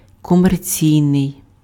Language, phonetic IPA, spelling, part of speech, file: Ukrainian, [kɔmerˈt͡sʲii̯nei̯], комерційний, adjective, Uk-комерційний.ogg
- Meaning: commercial